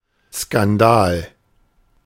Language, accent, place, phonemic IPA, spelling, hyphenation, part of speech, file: German, Germany, Berlin, /skanˈdaːl/, Skandal, Skan‧dal, noun, De-Skandal.ogg
- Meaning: 1. scandal 2. noise, a racket